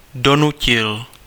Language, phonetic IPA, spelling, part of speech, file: Czech, [ˈdonucɪl], Donutil, proper noun, Cs-Donutil.ogg
- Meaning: a male surname